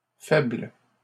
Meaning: plural of faible
- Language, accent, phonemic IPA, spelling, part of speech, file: French, Canada, /fɛbl/, faibles, adjective, LL-Q150 (fra)-faibles.wav